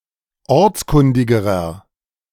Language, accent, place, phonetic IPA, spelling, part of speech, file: German, Germany, Berlin, [ˈɔʁt͡sˌkʊndɪɡəʁɐ], ortskundigerer, adjective, De-ortskundigerer.ogg
- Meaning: inflection of ortskundig: 1. strong/mixed nominative masculine singular comparative degree 2. strong genitive/dative feminine singular comparative degree 3. strong genitive plural comparative degree